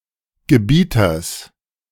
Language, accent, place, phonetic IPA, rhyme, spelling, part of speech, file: German, Germany, Berlin, [ɡəˈbiːtɐs], -iːtɐs, Gebieters, noun, De-Gebieters.ogg
- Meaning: genitive singular of Gebieter